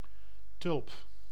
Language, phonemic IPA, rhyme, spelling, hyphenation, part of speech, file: Dutch, /tʏlp/, -ʏlp, tulp, tulp, noun, Nl-tulp.ogg
- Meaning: 1. a tulip, a plant of the genus Tulipa 2. a tulip, a flower of this plant